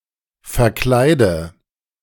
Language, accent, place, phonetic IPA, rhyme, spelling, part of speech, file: German, Germany, Berlin, [fɛɐ̯ˈklaɪ̯də], -aɪ̯də, verkleide, verb, De-verkleide.ogg
- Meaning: inflection of verkleiden: 1. first-person singular present 2. singular imperative 3. first/third-person singular subjunctive I